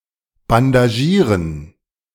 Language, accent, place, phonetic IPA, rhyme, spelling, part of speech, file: German, Germany, Berlin, [bandaˈʒiːʁən], -iːʁən, bandagieren, verb, De-bandagieren.ogg
- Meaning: to bandage